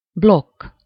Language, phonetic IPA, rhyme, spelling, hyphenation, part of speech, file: Hungarian, [ˈblokː], -okː, blokk, blokk, noun, Hu-blokk.ogg
- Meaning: 1. block 2. receipt